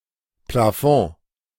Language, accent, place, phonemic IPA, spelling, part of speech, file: German, Germany, Berlin, /plaˈfɔ̃ː/, Plafond, noun, De-Plafond.ogg
- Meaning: 1. flat ceiling 2. maximum (in granting loans, etc.)